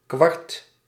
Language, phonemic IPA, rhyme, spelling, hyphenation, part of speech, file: Dutch, /kʋɑrt/, -ɑrt, kwart, kwart, noun, Nl-kwart.ogg
- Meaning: a quarter, one of four (equal) parts